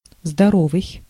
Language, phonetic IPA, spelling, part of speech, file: Russian, [zdɐˈrovɨj], здоровый, adjective, Ru-здоровый.ogg
- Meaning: 1. healthy, sound 2. strong, robust 3. wholesome, salubrious 4. big, large